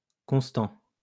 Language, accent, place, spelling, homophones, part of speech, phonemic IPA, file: French, France, Lyon, constants, constant, adjective, /kɔ̃s.tɑ̃/, LL-Q150 (fra)-constants.wav
- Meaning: masculine plural of constant